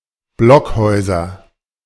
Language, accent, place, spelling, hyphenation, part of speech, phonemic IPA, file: German, Germany, Berlin, Blockhäuser, Block‧häu‧ser, noun, /ˈblɔkˌhɔɪ̯zɐ/, De-Blockhäuser.ogg
- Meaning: nominative/accusative/genitive plural of Blockhaus